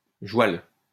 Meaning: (noun) 1. joual 2. horse
- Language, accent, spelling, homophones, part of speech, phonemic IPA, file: French, France, joual, joualle, noun / adjective, /ʒwal/, LL-Q150 (fra)-joual.wav